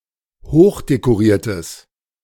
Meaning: strong/mixed nominative/accusative neuter singular of hochdekoriert
- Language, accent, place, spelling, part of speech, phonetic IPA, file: German, Germany, Berlin, hochdekoriertes, adjective, [ˈhoːxdekoˌʁiːɐ̯təs], De-hochdekoriertes.ogg